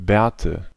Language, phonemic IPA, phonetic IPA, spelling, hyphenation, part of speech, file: German, /ˈbɛːrtə/, [ˈbɛ(ː)ɐ̯.tə], Bärte, Bär‧te, noun, De-Bärte.ogg
- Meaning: nominative/accusative/genitive plural of Bart